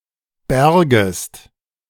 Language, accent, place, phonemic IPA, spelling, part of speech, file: German, Germany, Berlin, /ˈbɛɐ̯ɡəst/, bärgest, verb, De-bärgest.ogg
- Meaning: second-person singular subjunctive II of bergen